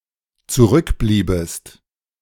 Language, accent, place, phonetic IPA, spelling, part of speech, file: German, Germany, Berlin, [t͡suˈʁʏkˌbliːbəst], zurückbliebest, verb, De-zurückbliebest.ogg
- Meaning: second-person singular dependent subjunctive II of zurückbleiben